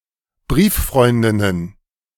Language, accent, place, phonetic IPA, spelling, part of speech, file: German, Germany, Berlin, [ˈbʁiːfˌfʁɔɪ̯ndɪnən], Brieffreundinnen, noun, De-Brieffreundinnen.ogg
- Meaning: plural of Brieffreundin